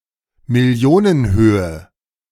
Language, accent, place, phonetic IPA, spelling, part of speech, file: German, Germany, Berlin, [mɪˈli̯oːnənˌhøːə], Millionenhöhe, noun, De-Millionenhöhe.ogg
- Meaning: million(s)